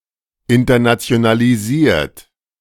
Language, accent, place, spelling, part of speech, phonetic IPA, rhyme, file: German, Germany, Berlin, internationalisiert, verb, [ɪntɐnat͡si̯onaliˈziːɐ̯t], -iːɐ̯t, De-internationalisiert.ogg
- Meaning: 1. past participle of internationalisieren 2. inflection of internationalisieren: third-person singular present 3. inflection of internationalisieren: second-person plural present